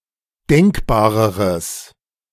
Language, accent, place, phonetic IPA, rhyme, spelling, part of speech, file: German, Germany, Berlin, [ˈdɛŋkbaːʁəʁəs], -ɛŋkbaːʁəʁəs, denkbareres, adjective, De-denkbareres.ogg
- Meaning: strong/mixed nominative/accusative neuter singular comparative degree of denkbar